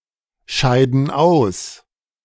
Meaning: inflection of ausscheiden: 1. first/third-person plural present 2. first/third-person plural subjunctive I
- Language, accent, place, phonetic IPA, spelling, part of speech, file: German, Germany, Berlin, [ˌʃaɪ̯dn̩ ˈaʊ̯s], scheiden aus, verb, De-scheiden aus.ogg